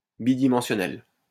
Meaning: bidimensional
- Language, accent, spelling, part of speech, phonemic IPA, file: French, France, bidimensionnel, adjective, /bi.di.mɑ̃.sjɔ.nɛl/, LL-Q150 (fra)-bidimensionnel.wav